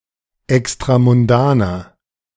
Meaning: inflection of extramundan: 1. strong/mixed nominative masculine singular 2. strong genitive/dative feminine singular 3. strong genitive plural
- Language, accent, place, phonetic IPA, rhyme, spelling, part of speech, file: German, Germany, Berlin, [ɛkstʁamʊnˈdaːnɐ], -aːnɐ, extramundaner, adjective, De-extramundaner.ogg